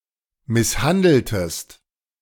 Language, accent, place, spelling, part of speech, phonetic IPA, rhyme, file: German, Germany, Berlin, misshandeltest, verb, [ˌmɪsˈhandl̩təst], -andl̩təst, De-misshandeltest.ogg
- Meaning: inflection of misshandeln: 1. second-person singular preterite 2. second-person singular subjunctive II